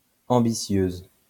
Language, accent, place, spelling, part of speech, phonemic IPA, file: French, France, Lyon, ambitieuse, adjective, /ɑ̃.bi.sjøz/, LL-Q150 (fra)-ambitieuse.wav
- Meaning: feminine singular of ambitieux